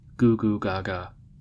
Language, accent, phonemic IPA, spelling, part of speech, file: English, US, /ˌɡuː ɡuː ˈɡɑː ɡɑː/, goo goo ga ga, interjection, En-us-goo-goo-ga-ga.ogg
- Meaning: Onomatopoeic imitation of the sound of a baby who has not yet learned to speak